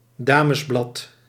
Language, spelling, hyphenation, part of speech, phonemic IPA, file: Dutch, damesblad, da‧mes‧blad, noun, /ˈdaː.məsˌblɑt/, Nl-damesblad.ogg
- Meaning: a women's magazine, especially one aimed at a middle-class or upper-class readership